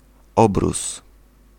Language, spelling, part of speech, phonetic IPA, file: Polish, obrus, noun, [ˈɔbrus], Pl-obrus.ogg